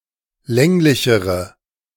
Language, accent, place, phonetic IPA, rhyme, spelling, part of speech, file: German, Germany, Berlin, [ˈlɛŋlɪçəʁə], -ɛŋlɪçəʁə, länglichere, adjective, De-länglichere.ogg
- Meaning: inflection of länglich: 1. strong/mixed nominative/accusative feminine singular comparative degree 2. strong nominative/accusative plural comparative degree